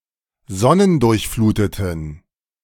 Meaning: inflection of sonnendurchflutet: 1. strong genitive masculine/neuter singular 2. weak/mixed genitive/dative all-gender singular 3. strong/weak/mixed accusative masculine singular
- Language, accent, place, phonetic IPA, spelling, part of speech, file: German, Germany, Berlin, [ˈzɔnəndʊʁçˌfluːtətn̩], sonnendurchfluteten, adjective, De-sonnendurchfluteten.ogg